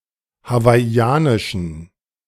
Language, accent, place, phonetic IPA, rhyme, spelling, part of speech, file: German, Germany, Berlin, [havaɪ̯ˈi̯aːnɪʃn̩], -aːnɪʃn̩, hawaiianischen, adjective, De-hawaiianischen.ogg
- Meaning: inflection of hawaiianisch: 1. strong genitive masculine/neuter singular 2. weak/mixed genitive/dative all-gender singular 3. strong/weak/mixed accusative masculine singular 4. strong dative plural